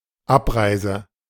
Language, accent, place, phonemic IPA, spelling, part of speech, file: German, Germany, Berlin, /ˈʔapˌʀaɪ̯zə/, Abreise, noun, De-Abreise.ogg
- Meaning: departure